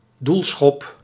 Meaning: goal kick
- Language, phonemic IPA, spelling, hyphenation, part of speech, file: Dutch, /ˈdul.sxɔp/, doelschop, doel‧schop, noun, Nl-doelschop.ogg